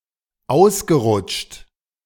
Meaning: past participle of ausrutschen
- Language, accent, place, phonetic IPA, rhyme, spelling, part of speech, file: German, Germany, Berlin, [ˈaʊ̯sɡəˌʁʊt͡ʃt], -aʊ̯sɡəʁʊt͡ʃt, ausgerutscht, verb, De-ausgerutscht.ogg